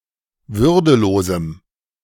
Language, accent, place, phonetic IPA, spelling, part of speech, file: German, Germany, Berlin, [ˈvʏʁdəˌloːzm̩], würdelosem, adjective, De-würdelosem.ogg
- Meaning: strong dative masculine/neuter singular of würdelos